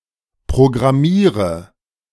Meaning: inflection of programmieren: 1. first-person singular present 2. first/third-person singular subjunctive I 3. singular imperative
- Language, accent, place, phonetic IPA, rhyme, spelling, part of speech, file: German, Germany, Berlin, [pʁoɡʁaˈmiːʁə], -iːʁə, programmiere, verb, De-programmiere.ogg